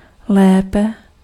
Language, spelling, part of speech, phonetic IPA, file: Czech, lépe, adverb, [ˈlɛːpɛ], Cs-lépe.ogg
- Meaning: comparative degree of dobře